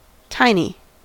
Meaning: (adjective) Very small; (noun) 1. A small child; an infant 2. Anything very small
- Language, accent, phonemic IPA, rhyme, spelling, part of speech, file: English, US, /ˈtaɪni/, -aɪni, tiny, adjective / noun, En-us-tiny.ogg